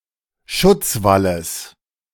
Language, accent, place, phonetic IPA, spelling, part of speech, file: German, Germany, Berlin, [ˈʃʊt͡sˌvaləs], Schutzwalles, noun, De-Schutzwalles.ogg
- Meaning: genitive singular of Schutzwall